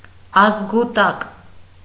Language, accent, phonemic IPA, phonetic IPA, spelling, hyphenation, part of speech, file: Armenian, Eastern Armenian, /ɑzɡuˈtɑk/, [ɑzɡutɑ́k], ազգուտակ, ազ‧գու‧տակ, noun, Hy-ազգուտակ.ogg
- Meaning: all of one's relatives, kin, kith and kin